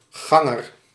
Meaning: a pedestrian
- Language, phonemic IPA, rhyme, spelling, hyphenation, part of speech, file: Dutch, /ˈɣɑ.ŋər/, -ɑŋər, ganger, gan‧ger, noun, Nl-ganger.ogg